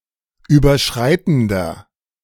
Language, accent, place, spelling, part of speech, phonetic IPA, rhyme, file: German, Germany, Berlin, überschreitender, adjective, [ˌyːbɐˈʃʁaɪ̯tn̩dɐ], -aɪ̯tn̩dɐ, De-überschreitender.ogg
- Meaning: inflection of überschreitend: 1. strong/mixed nominative masculine singular 2. strong genitive/dative feminine singular 3. strong genitive plural